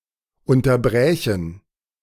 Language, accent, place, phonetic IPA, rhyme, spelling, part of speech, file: German, Germany, Berlin, [ˌʊntɐˈbʁɛːçn̩], -ɛːçn̩, unterbrächen, verb, De-unterbrächen.ogg
- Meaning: first-person plural subjunctive II of unterbrechen